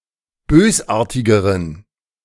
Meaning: inflection of bösartig: 1. strong genitive masculine/neuter singular comparative degree 2. weak/mixed genitive/dative all-gender singular comparative degree
- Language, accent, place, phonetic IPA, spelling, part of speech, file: German, Germany, Berlin, [ˈbøːsˌʔaːɐ̯tɪɡəʁən], bösartigeren, adjective, De-bösartigeren.ogg